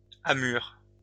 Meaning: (noun) tack (sailing against the wind); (verb) inflection of amurer: 1. first/third-person singular present indicative/subjunctive 2. second-person singular imperative
- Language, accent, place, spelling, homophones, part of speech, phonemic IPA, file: French, France, Lyon, amure, amurent / amures, noun / verb, /a.myʁ/, LL-Q150 (fra)-amure.wav